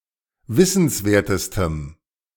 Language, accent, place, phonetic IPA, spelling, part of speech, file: German, Germany, Berlin, [ˈvɪsn̩sˌveːɐ̯təstəm], wissenswertestem, adjective, De-wissenswertestem.ogg
- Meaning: strong dative masculine/neuter singular superlative degree of wissenswert